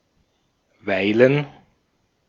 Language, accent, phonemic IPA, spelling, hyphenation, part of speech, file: German, Austria, /ˈvaɪ̯.lən/, weilen, wei‧len, verb, De-at-weilen.ogg
- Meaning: 1. to be, be present somewhere 2. to linger, spend time (in some temporary manner) at some place, with someone, or in some state